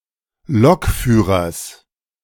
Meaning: genitive singular of Lokführer
- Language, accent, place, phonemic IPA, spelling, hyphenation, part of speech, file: German, Germany, Berlin, /ˈlɔkˌfyːʁɐs/, Lokführers, Lok‧füh‧rers, noun, De-Lokführers.ogg